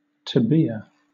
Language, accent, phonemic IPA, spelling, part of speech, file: English, Southern England, /təˈbiːə/, tabiya, noun, LL-Q1860 (eng)-tabiya.wav
- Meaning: A position in the opening of a game that occurs after a sequence of moves that is heavily standardized, and from which the players have many possible moves again